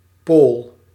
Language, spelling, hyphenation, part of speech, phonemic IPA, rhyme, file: Dutch, pool, pool, noun, /poːl/, -oːl, Nl-pool.ogg
- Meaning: 1. magnetic pole (especially of the Earth and other celestial bodies) 2. electrical pole (e.g. of a battery) 3. an opposing side of a principle or a doctrine